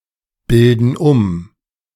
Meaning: inflection of umbilden: 1. first/third-person plural present 2. first/third-person plural subjunctive I
- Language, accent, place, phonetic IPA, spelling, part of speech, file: German, Germany, Berlin, [ˌbɪldn̩ ˈʊm], bilden um, verb, De-bilden um.ogg